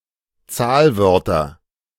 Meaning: nominative/accusative/genitive plural of Zahlwort
- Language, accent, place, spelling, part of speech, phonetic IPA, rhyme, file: German, Germany, Berlin, Zahlwörter, noun, [ˈt͡saːlˌvœʁtɐ], -aːlvœʁtɐ, De-Zahlwörter.ogg